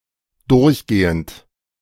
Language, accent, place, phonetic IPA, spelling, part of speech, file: German, Germany, Berlin, [ˈdʊʁçˌɡeːənt], durchgehend, verb, De-durchgehend.ogg
- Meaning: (verb) present participle of durchgehen; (adjective) 1. continuous 2. permanent; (adverb) all the way, throughout